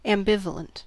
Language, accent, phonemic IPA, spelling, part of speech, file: English, US, /æmˈbɪv.ə.lənt/, ambivalent, adjective, En-us-ambivalent.ogg
- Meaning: 1. Simultaneously experiencing or expressing opposing or contradictory feelings, beliefs, motivations, or meanings 2. Alternately being or having one opinion or feeling, and then the opposite